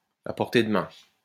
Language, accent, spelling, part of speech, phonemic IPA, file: French, France, à portée de main, adjective, /a pɔʁ.te d(ə) mɛ̃/, LL-Q150 (fra)-à portée de main.wav
- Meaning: within reach, at hand, at one's fingertips